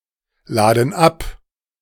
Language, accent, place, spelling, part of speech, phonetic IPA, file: German, Germany, Berlin, laden ab, verb, [ˌlaːdn̩ ˈap], De-laden ab.ogg
- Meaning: inflection of abladen: 1. first/third-person plural present 2. first/third-person plural subjunctive I